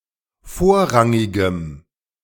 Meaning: strong dative masculine/neuter singular of vorrangig
- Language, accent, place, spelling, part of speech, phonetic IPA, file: German, Germany, Berlin, vorrangigem, adjective, [ˈfoːɐ̯ˌʁaŋɪɡəm], De-vorrangigem.ogg